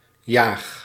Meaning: inflection of jagen: 1. first-person singular present indicative 2. second-person singular present indicative 3. imperative
- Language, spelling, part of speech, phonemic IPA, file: Dutch, jaag, verb, /jax/, Nl-jaag.ogg